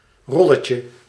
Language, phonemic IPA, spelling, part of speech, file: Dutch, /ˈrɔləcə/, rolletje, noun, Nl-rolletje.ogg
- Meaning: diminutive of rol